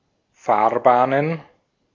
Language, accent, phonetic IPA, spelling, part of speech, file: German, Austria, [ˈfaːɐ̯ˌbaːnən], Fahrbahnen, noun, De-at-Fahrbahnen.ogg
- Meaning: plural of Fahrbahn